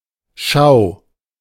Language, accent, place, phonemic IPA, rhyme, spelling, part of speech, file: German, Germany, Berlin, /ʃaʊ̯/, -aʊ̯, Schau, noun, De-Schau.ogg
- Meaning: show